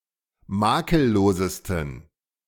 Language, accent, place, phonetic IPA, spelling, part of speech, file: German, Germany, Berlin, [ˈmaːkəlˌloːzəstn̩], makellosesten, adjective, De-makellosesten.ogg
- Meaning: 1. superlative degree of makellos 2. inflection of makellos: strong genitive masculine/neuter singular superlative degree